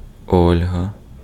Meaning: a female given name, Olha, equivalent to English Olga or Helga or Belarusian Вольга (Vólʹha)
- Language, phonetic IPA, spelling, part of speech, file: Ukrainian, [ˈɔlʲɦɐ], Ольга, proper noun, Uk-Ольга.ogg